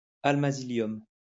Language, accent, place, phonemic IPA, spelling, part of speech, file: French, France, Lyon, /al.ma.zi.ljɔm/, almasilium, noun, LL-Q150 (fra)-almasilium.wav
- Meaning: an alloy (of aluminium, magnesium, and silicium) used to make milk cans